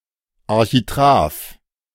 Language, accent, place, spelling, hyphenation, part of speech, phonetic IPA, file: German, Germany, Berlin, Architrav, Ar‧chi‧t‧rav, noun, [aʁçiˈtʁaːf], De-Architrav.ogg
- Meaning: architrave (lowest part of an entablature)